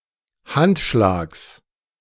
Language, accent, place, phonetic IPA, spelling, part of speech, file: German, Germany, Berlin, [ˈhantˌʃlaːks], Handschlags, noun, De-Handschlags.ogg
- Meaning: genitive singular of Handschlag